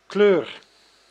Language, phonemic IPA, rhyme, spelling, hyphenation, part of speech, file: Dutch, /kløːr/, -øːr, kleur, kleur, noun / verb, Nl-kleur.ogg
- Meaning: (noun) 1. a color, colour 2. a party obedience, as in politics 3. a suit (of cards); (verb) inflection of kleuren: first-person singular present indicative